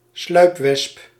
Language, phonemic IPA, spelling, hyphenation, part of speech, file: Dutch, /ˈslœy̯p.ʋɛsp/, sluipwesp, sluip‧wesp, noun, Nl-sluipwesp.ogg
- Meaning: parasitoid wasp